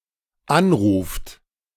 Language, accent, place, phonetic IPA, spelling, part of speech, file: German, Germany, Berlin, [ˈanˌʁuːft], anruft, verb, De-anruft.ogg
- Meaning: inflection of anrufen: 1. third-person singular dependent present 2. second-person plural dependent present